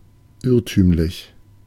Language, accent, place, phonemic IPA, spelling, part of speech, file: German, Germany, Berlin, /ˈɪʁtyːmlɪç/, irrtümlich, adjective, De-irrtümlich.ogg
- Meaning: erroneous